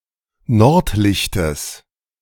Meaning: genitive of Nordlicht
- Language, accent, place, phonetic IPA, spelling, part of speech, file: German, Germany, Berlin, [ˈnɔʁtˌlɪçtəs], Nordlichtes, noun, De-Nordlichtes.ogg